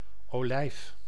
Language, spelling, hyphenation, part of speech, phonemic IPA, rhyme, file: Dutch, olijf, olijf, noun, /oːˈlɛi̯f/, -ɛi̯f, Nl-olijf.ogg
- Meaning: 1. olive (oily fruit) 2. olive tree (Olea europaea)